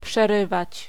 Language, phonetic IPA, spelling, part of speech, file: Polish, [pʃɛˈrɨvat͡ɕ], przerywać, verb, Pl-przerywać.ogg